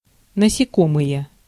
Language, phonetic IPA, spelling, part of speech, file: Russian, [nəsʲɪˈkomɨje], насекомые, noun, Ru-насекомые.ogg
- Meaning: 1. nominative plural of насеко́мое (nasekómoje, “insect”) 2. Hexapoda